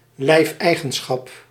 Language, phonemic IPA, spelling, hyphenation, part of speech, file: Dutch, /ˈlɛi̯f.ɛi̯.ɣə(n)ˌsxɑp/, lijfeigenschap, lijf‧ei‧gen‧schap, noun, Nl-lijfeigenschap.ogg
- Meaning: the serfhood, slave-like status of serf